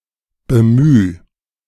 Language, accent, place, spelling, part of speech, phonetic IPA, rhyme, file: German, Germany, Berlin, bemüh, verb, [bəˈmyː], -yː, De-bemüh.ogg
- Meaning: 1. singular imperative of bemühen 2. first-person singular present of bemühen